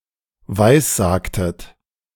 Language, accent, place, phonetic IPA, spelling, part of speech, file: German, Germany, Berlin, [ˈvaɪ̯sˌzaːktət], weissagtet, verb, De-weissagtet.ogg
- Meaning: inflection of weissagen: 1. second-person plural preterite 2. second-person plural subjunctive II